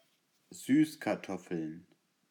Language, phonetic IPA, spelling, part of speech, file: German, [ˈzyːskaʁˌtɔfl̩n], Süßkartoffeln, noun, De-Süßkartoffeln.ogg
- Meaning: plural of Süßkartoffel